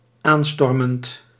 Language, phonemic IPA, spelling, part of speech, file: Dutch, /anˈstɔrmənt/, aanstormend, adjective / verb, Nl-aanstormend.ogg
- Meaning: present participle of aanstormen